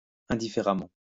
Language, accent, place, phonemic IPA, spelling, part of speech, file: French, France, Lyon, /ɛ̃.di.fe.ʁa.mɑ̃/, indifféremment, adverb, LL-Q150 (fra)-indifféremment.wav
- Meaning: indifferently, indiscriminately, equally